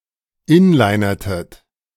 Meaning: inflection of inlinern: 1. second-person plural preterite 2. second-person plural subjunctive II
- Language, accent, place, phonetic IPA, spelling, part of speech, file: German, Germany, Berlin, [ˈɪnlaɪ̯nɐtət], inlinertet, verb, De-inlinertet.ogg